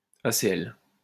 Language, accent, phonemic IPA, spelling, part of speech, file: French, France, /a.se.ɛl/, ACL, noun, LL-Q150 (fra)-ACL.wav
- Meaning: afficheur à cristaux liquides — LCD